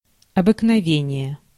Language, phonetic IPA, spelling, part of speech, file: Russian, [ɐbɨknɐˈvʲenʲɪje], обыкновение, noun, Ru-обыкновение.ogg
- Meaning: practice, habit, wont, custom